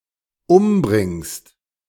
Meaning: second-person singular dependent present of umbringen
- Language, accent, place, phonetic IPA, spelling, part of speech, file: German, Germany, Berlin, [ˈʊmˌbʁɪŋst], umbringst, verb, De-umbringst.ogg